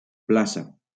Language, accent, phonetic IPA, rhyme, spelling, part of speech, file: Catalan, Valencia, [ˈpla.sa], -asa, plaça, noun, LL-Q7026 (cat)-plaça.wav
- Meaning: 1. plaza, square 2. seat, spot 3. a location where castells are presented publicly 4. a context of public performance, as opposed to during an assaig